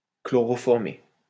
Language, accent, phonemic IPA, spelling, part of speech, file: French, France, /klɔ.ʁɔ.fɔʁ.me/, chloroformer, verb, LL-Q150 (fra)-chloroformer.wav
- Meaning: to chloroform (to treat with chloroform, or to render unconscious with chloroform)